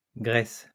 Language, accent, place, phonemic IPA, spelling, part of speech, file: French, France, Lyon, /ɡʁɛs/, graisses, noun / verb, LL-Q150 (fra)-graisses.wav
- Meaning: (noun) plural of graisse; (verb) second-person singular present indicative/subjunctive of graisser